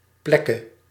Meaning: dative singular of plek
- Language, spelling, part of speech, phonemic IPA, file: Dutch, plekke, noun / verb, /ˈplɛkə/, Nl-plekke.ogg